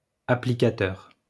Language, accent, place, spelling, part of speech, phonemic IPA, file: French, France, Lyon, applicateur, noun, /a.pli.ka.tœʁ/, LL-Q150 (fra)-applicateur.wav
- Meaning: applicator